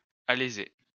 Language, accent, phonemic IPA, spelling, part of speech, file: French, France, /a.le.ze/, alléser, verb, LL-Q150 (fra)-alléser.wav
- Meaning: alternative form of aléser